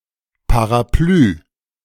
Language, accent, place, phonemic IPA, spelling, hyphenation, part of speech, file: German, Germany, Berlin, /paʁaˈplyː/, Parapluie, Pa‧ra‧pluie, noun, De-Parapluie.ogg
- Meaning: umbrella